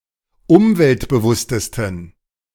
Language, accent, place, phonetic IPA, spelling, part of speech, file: German, Germany, Berlin, [ˈʊmvɛltbəˌvʊstəstn̩], umweltbewusstesten, adjective, De-umweltbewusstesten.ogg
- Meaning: 1. superlative degree of umweltbewusst 2. inflection of umweltbewusst: strong genitive masculine/neuter singular superlative degree